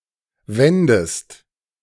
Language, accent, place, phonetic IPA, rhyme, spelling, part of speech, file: German, Germany, Berlin, [ˈvɛndəst], -ɛndəst, wändest, verb, De-wändest.ogg
- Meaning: second-person singular subjunctive II of winden